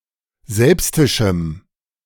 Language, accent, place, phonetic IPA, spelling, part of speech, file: German, Germany, Berlin, [ˈzɛlpstɪʃm̩], selbstischem, adjective, De-selbstischem.ogg
- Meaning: strong dative masculine/neuter singular of selbstisch